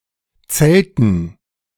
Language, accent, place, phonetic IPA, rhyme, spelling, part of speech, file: German, Germany, Berlin, [ˈt͡sɛltn̩], -ɛltn̩, Zelten, noun, De-Zelten.ogg
- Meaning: 1. dative plural of Zelt 2. gerund of zelten